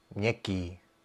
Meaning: soft
- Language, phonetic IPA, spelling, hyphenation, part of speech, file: Czech, [ˈmɲɛkiː], měkký, měk‧ký, adjective, Cs-měkký.ogg